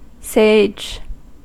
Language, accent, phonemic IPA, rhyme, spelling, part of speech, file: English, US, /seɪd͡ʒ/, -eɪdʒ, sage, adjective / noun / interjection / verb, En-us-sage.ogg
- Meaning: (adjective) 1. Wise 2. Grave; serious; solemn